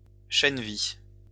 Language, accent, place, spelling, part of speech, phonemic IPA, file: French, France, Lyon, chènevis, noun, /ʃɛn.vi/, LL-Q150 (fra)-chènevis.wav
- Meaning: hempseed